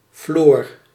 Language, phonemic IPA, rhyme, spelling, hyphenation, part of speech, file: Dutch, /floːr/, -oːr, Floor, Floor, proper noun, Nl-Floor.ogg
- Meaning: 1. a female given name 2. a male given name